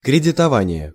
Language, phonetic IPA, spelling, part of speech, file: Russian, [krʲɪdʲɪtɐˈvanʲɪje], кредитование, noun, Ru-кредитование.ogg
- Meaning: crediting, bank loans